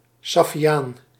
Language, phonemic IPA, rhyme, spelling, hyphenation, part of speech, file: Dutch, /ˌsɑ.fiˈaːn/, -aːn, saffiaan, saf‧fi‧aan, noun, Nl-saffiaan.ogg
- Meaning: saffian (type of leather)